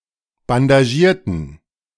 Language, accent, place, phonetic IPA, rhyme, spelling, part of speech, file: German, Germany, Berlin, [bandaˈʒiːɐ̯tn̩], -iːɐ̯tn̩, bandagierten, adjective / verb, De-bandagierten.ogg
- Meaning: inflection of bandagieren: 1. first/third-person plural preterite 2. first/third-person plural subjunctive II